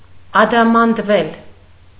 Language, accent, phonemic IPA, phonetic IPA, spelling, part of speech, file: Armenian, Eastern Armenian, /ɑdɑmɑndˈvel/, [ɑdɑmɑndvél], ադամանդվել, verb, Hy-ադամանդվել.ogg
- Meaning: mediopassive of ադամանդել (adamandel)